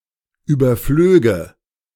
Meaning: first/third-person singular subjunctive II of überfliegen
- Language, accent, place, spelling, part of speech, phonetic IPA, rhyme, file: German, Germany, Berlin, überflöge, verb, [ˌyːbɐˈfløːɡə], -øːɡə, De-überflöge.ogg